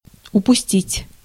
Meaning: 1. to let go, to let slip 2. to miss, to lose 3. to overlook
- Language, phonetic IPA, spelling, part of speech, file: Russian, [ʊpʊˈsʲtʲitʲ], упустить, verb, Ru-упустить.ogg